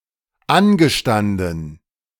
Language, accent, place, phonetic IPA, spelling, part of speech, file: German, Germany, Berlin, [ˈanɡəˌʃtandn̩], angestanden, verb, De-angestanden.ogg
- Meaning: past participle of anstehen